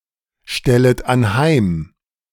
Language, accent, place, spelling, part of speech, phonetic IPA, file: German, Germany, Berlin, stellet anheim, verb, [ˌʃtɛlət anˈhaɪ̯m], De-stellet anheim.ogg
- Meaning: second-person plural subjunctive I of anheimstellen